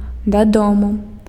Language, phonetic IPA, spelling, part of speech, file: Belarusian, [daˈdomu], дадому, adverb, Be-дадому.ogg
- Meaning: home, homewards